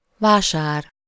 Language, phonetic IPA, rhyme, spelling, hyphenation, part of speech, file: Hungarian, [ˈvaːʃaːr], -aːr, vásár, vá‧sár, noun, Hu-vásár.ogg
- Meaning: 1. fair, market (smaller) 2. sale, bargain